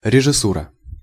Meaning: 1. direction, stage direction, production (of a film, spectacle) 2. the art of direction 3. directors
- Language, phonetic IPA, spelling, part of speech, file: Russian, [rʲɪʐɨˈsurə], режиссура, noun, Ru-режиссура.ogg